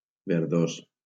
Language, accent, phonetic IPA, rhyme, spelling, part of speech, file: Catalan, Valencia, [veɾˈðos], -os, verdós, adjective, LL-Q7026 (cat)-verdós.wav
- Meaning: greenish